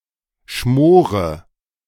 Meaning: inflection of schmoren: 1. first-person singular present 2. first/third-person singular subjunctive I 3. singular imperative
- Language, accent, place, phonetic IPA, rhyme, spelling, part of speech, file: German, Germany, Berlin, [ˈʃmoːʁə], -oːʁə, schmore, verb, De-schmore.ogg